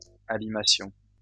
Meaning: first-person plural imperfect subjunctive of abîmer
- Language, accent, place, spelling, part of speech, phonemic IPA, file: French, France, Lyon, abîmassions, verb, /a.bi.ma.sjɔ̃/, LL-Q150 (fra)-abîmassions.wav